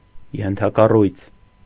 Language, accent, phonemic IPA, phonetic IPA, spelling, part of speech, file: Armenian, Eastern Armenian, /jentʰɑkɑˈrujt͡sʰ/, [jentʰɑkɑrújt͡sʰ], ենթակառույց, noun, Hy-ենթակառույց.ogg
- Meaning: infrastructure